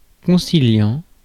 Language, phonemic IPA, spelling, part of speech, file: French, /kɔ̃.si.ljɑ̃/, conciliant, verb / adjective, Fr-conciliant.ogg
- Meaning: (verb) present participle of concilier; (adjective) 1. conciliatory 2. manageable, tractable